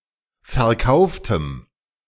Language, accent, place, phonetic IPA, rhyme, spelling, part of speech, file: German, Germany, Berlin, [fɛɐ̯ˈkaʊ̯ftəm], -aʊ̯ftəm, verkauftem, adjective, De-verkauftem.ogg
- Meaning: strong dative masculine/neuter singular of verkauft